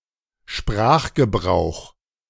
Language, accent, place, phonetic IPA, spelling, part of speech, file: German, Germany, Berlin, [ˈʃpʁaːxɡəˌbʁaʊ̯x], Sprachgebrauch, noun, De-Sprachgebrauch.ogg
- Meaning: language use, usage; linguistic usage